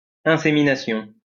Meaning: insemination
- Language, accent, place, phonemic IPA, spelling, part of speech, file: French, France, Lyon, /ɛ̃.se.mi.na.sjɔ̃/, insémination, noun, LL-Q150 (fra)-insémination.wav